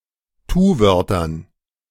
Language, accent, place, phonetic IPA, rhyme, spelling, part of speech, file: German, Germany, Berlin, [ˈtuːˌvœʁtɐn], -uːvœʁtɐn, Tuwörtern, noun, De-Tuwörtern.ogg
- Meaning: dative plural of Tuwort